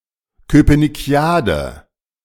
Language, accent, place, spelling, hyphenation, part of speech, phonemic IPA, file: German, Germany, Berlin, Köpenickiade, Kö‧pe‧ni‧cki‧a‧de, noun, /ˌkøːpənɪˈki̯aːdə/, De-Köpenickiade.ogg
- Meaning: con game involving pretending to be in a position of authority